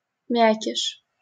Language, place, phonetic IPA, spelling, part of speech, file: Russian, Saint Petersburg, [ˈmʲækʲɪʂ], мякиш, noun, LL-Q7737 (rus)-мякиш.wav
- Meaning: crumb (the soft inner part of bread)